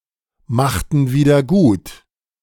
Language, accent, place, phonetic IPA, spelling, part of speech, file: German, Germany, Berlin, [ˌmaxtn̩ ˌviːdɐ ˈɡuːt], machten wieder gut, verb, De-machten wieder gut.ogg
- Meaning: inflection of wiedergutmachen: 1. first/third-person plural preterite 2. first/third-person plural subjunctive II